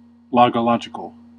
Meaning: 1. Of or pertaining to logology; related to the study of words 2. Of or pertaining to conceptual patterns or mental categories of words and their referents 3. Of or pertaining to the doctrine of logos
- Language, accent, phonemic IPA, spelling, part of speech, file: English, US, /ˌlɑɡ.oʊˈlɑd͡ʒ.ɪ.kəl/, logological, adjective, En-us-logological.ogg